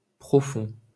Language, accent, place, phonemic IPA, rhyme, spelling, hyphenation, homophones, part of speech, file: French, France, Paris, /pʁɔ.fɔ̃/, -ɔ̃, profond, pro‧fond, profonds, adjective, LL-Q150 (fra)-profond.wav
- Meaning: 1. deep 2. profound 3. rural, small-town, provincial, heartland; authentic, true